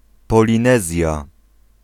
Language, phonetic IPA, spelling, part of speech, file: Polish, [ˌpɔlʲĩˈnɛzʲja], Polinezja, proper noun, Pl-Polinezja.ogg